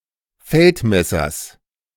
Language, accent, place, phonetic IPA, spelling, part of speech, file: German, Germany, Berlin, [ˈfɛltˌmɛsɐs], Feldmessers, noun, De-Feldmessers.ogg
- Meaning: genitive singular of Feldmesser